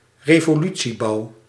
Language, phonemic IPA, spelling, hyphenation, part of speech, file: Dutch, /reː.voːˈly.(t)siˌbɑu̯/, revolutiebouw, re‧vo‧lu‧tie‧bouw, noun, Nl-revolutiebouw.ogg
- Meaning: speculative construction of slum housing